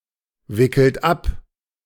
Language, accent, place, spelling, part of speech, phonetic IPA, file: German, Germany, Berlin, wickelt ab, verb, [ˌvɪkl̩t ˈap], De-wickelt ab.ogg
- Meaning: inflection of abwickeln: 1. third-person singular present 2. second-person plural present 3. plural imperative